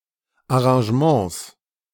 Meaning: 1. genitive singular of Arrangement 2. plural of Arrangement
- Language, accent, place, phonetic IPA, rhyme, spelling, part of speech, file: German, Germany, Berlin, [aʁɑ̃ʒəˈmɑ̃ːs], -ɑ̃ːs, Arrangements, noun, De-Arrangements.ogg